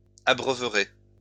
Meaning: second-person plural future of abreuver
- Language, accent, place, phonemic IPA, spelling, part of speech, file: French, France, Lyon, /a.bʁœ.vʁe/, abreuverez, verb, LL-Q150 (fra)-abreuverez.wav